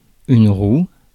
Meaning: 1. a wheel 2. the breaking wheel
- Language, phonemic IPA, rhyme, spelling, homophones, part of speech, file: French, /ʁu/, -u, roue, rouent / roues / roux, noun, Fr-roue.ogg